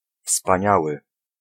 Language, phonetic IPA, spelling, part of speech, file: Polish, [fspãˈɲawɨ], wspaniały, adjective, Pl-wspaniały.ogg